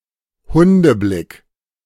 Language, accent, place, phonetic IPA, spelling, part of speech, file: German, Germany, Berlin, [ˈhʊndəˌblɪk], Hundeblick, noun, De-Hundeblick.ogg
- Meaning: a facial expression showing innocence and meekness, often in a charming way, arousing pity and affection in those who see it; puppy dog eyes (but possibly with a more positive undertone)